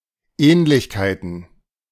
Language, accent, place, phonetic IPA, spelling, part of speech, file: German, Germany, Berlin, [ˈɛːnlɪçkaɪ̯tn̩], Ähnlichkeiten, noun, De-Ähnlichkeiten.ogg
- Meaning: plural of Ähnlichkeit